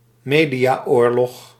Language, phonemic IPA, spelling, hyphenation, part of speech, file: Dutch, /ˈmeː.di.aːˌoːr.lɔx/, mediaoorlog, me‧dia‧oor‧log, noun, Nl-mediaoorlog.ogg
- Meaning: media war